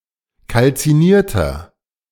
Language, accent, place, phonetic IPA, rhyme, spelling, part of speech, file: German, Germany, Berlin, [kalt͡siˈniːɐ̯tɐ], -iːɐ̯tɐ, kalzinierter, adjective, De-kalzinierter.ogg
- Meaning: inflection of kalziniert: 1. strong/mixed nominative masculine singular 2. strong genitive/dative feminine singular 3. strong genitive plural